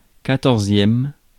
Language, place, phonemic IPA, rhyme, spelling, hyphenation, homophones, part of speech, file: French, Paris, /ka.tɔʁ.zjɛm/, -ɛm, quatorzième, qua‧tor‧zième, quatorzièmes, adjective / noun, Fr-quatorzième.ogg
- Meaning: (adjective) fourteenth